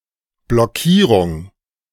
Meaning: 1. obstruction, blockage 2. deadlock
- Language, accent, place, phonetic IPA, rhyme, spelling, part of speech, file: German, Germany, Berlin, [blɔˈkiːʁʊŋ], -iːʁʊŋ, Blockierung, noun, De-Blockierung.ogg